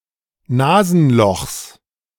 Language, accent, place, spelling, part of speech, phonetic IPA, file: German, Germany, Berlin, Nasenlochs, noun, [ˈnaːzn̩ˌlɔxs], De-Nasenlochs.ogg
- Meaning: genitive of Nasenloch